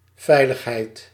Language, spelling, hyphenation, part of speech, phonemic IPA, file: Dutch, veiligheid, vei‧lig‧heid, noun, /ˈvɛi̯ləxˌɦɛi̯t/, Nl-veiligheid.ogg
- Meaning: safety, security